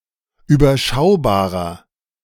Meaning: 1. comparative degree of überschaubar 2. inflection of überschaubar: strong/mixed nominative masculine singular 3. inflection of überschaubar: strong genitive/dative feminine singular
- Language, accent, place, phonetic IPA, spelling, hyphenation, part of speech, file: German, Germany, Berlin, [yːbɐˈʃaʊ̯baːʁɐ], überschaubarer, ü‧ber‧schau‧ba‧rer, adjective, De-überschaubarer.ogg